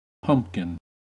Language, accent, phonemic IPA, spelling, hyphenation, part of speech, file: English, US, /ˈpʌm(p).kɪn/, pumpkin, pump‧kin, noun, En-us-pumpkin.ogg
- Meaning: 1. A domesticated plant, in species Cucurbita pepo, similar in growth pattern, foliage, flower, and fruit to the squash or melon 2. The round yellow or orange fruit of this plant